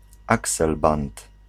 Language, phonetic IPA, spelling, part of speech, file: Polish, [aˈksɛlbãnt], akselbant, noun, Pl-akselbant.ogg